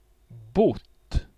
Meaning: supine of bo
- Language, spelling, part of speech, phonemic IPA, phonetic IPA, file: Swedish, bott, verb, /bʊt/, [bʊtː], Sv-bott.ogg